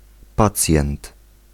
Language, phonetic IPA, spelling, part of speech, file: Polish, [ˈpat͡sʲjɛ̃nt], pacjent, noun, Pl-pacjent.ogg